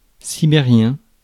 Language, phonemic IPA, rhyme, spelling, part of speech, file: French, /si.be.ʁjɛ̃/, -ɛ̃, sibérien, adjective, Fr-sibérien.ogg
- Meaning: of Siberia; Siberian